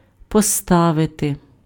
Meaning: 1. to put, to place, to set, to station, to position 2. to stand, to put up, to set up, to erect (set in an upright position) 3. to put, to pose, to raise (:question)
- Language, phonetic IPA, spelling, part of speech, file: Ukrainian, [pɔˈstaʋete], поставити, verb, Uk-поставити.ogg